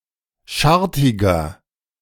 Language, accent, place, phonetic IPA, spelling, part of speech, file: German, Germany, Berlin, [ˈʃaʁtɪɡɐ], schartiger, adjective, De-schartiger.ogg
- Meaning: 1. comparative degree of schartig 2. inflection of schartig: strong/mixed nominative masculine singular 3. inflection of schartig: strong genitive/dative feminine singular